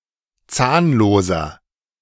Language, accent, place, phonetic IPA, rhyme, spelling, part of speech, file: German, Germany, Berlin, [ˈt͡saːnloːzɐ], -aːnloːzɐ, zahnloser, adjective, De-zahnloser.ogg
- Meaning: inflection of zahnlos: 1. strong/mixed nominative masculine singular 2. strong genitive/dative feminine singular 3. strong genitive plural